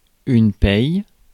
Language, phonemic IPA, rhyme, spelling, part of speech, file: French, /pɛj/, -ɛj, paye, verb / noun, Fr-paye.ogg
- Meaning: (verb) inflection of payer: 1. first/third-person singular present indicative/subjunctive 2. second-person singular imperative; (noun) 1. salary, pay 2. payment 3. payer, someone who pays